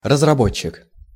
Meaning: 1. developer (a person who creates or improves certain classes of products) 2. designer, design group
- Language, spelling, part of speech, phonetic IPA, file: Russian, разработчик, noun, [rəzrɐˈbot͡ɕːɪk], Ru-разработчик.ogg